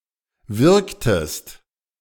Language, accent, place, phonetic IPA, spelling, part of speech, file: German, Germany, Berlin, [ˈvɪʁktəst], wirktest, verb, De-wirktest.ogg
- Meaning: inflection of wirken: 1. second-person singular preterite 2. second-person singular subjunctive II